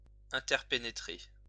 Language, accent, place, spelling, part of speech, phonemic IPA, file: French, France, Lyon, interpénétrer, verb, /ɛ̃.tɛʁ.pe.ne.tʁe/, LL-Q150 (fra)-interpénétrer.wav
- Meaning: to interpenetrate